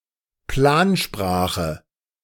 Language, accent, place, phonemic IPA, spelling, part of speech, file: German, Germany, Berlin, /ˈplaːnˌʃpʁaːχə/, Plansprache, noun, De-Plansprache.ogg
- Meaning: constructed language (an artificially created language)